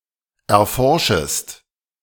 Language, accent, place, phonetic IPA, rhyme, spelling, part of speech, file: German, Germany, Berlin, [ɛɐ̯ˈfɔʁʃəst], -ɔʁʃəst, erforschest, verb, De-erforschest.ogg
- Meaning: second-person singular subjunctive I of erforschen